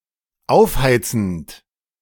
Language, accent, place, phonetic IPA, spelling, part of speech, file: German, Germany, Berlin, [ˈaʊ̯fˌhaɪ̯t͡sn̩t], aufheizend, verb, De-aufheizend.ogg
- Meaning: present participle of aufheizen